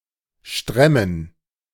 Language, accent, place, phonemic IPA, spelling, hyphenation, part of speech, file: German, Germany, Berlin, /ˈʃtʁɛmən/, stremmen, strem‧men, verb, De-stremmen.ogg
- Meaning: to be too tight (clothing)